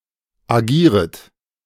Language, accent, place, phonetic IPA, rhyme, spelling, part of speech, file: German, Germany, Berlin, [aˈɡiːʁət], -iːʁət, agieret, verb, De-agieret.ogg
- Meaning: second-person plural subjunctive I of agieren